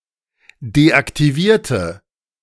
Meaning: inflection of deaktiviert: 1. strong/mixed nominative/accusative feminine singular 2. strong nominative/accusative plural 3. weak nominative all-gender singular
- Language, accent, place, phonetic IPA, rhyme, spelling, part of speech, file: German, Germany, Berlin, [deʔaktiˈviːɐ̯tə], -iːɐ̯tə, deaktivierte, adjective / verb, De-deaktivierte.ogg